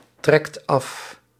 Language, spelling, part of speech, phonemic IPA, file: Dutch, trekt af, verb, /ˈtrɛkt ˈɑf/, Nl-trekt af.ogg
- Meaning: inflection of aftrekken: 1. second/third-person singular present indicative 2. plural imperative